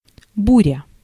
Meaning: storm, tempest (also figuratively)
- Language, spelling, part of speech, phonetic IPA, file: Russian, буря, noun, [ˈburʲə], Ru-буря.ogg